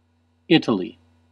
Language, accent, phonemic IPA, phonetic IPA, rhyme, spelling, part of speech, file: English, US, /ˈɪtəli/, [ˈɪ.ɾə.li], -ɪtəli, Italy, proper noun, En-us-Italy.ogg
- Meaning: 1. A country in Southern Europe. Official names: Italian Republic and Republic of Italy. Capital and largest city: Rome 2. Synonym of Apennine Peninsula